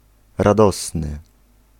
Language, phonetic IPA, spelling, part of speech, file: Polish, [raˈdɔsnɨ], radosny, adjective, Pl-radosny.ogg